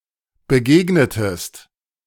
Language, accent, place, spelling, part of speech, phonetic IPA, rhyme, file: German, Germany, Berlin, begegnetest, verb, [bəˈɡeːɡnətəst], -eːɡnətəst, De-begegnetest.ogg
- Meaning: inflection of begegnen: 1. second-person singular preterite 2. second-person singular subjunctive II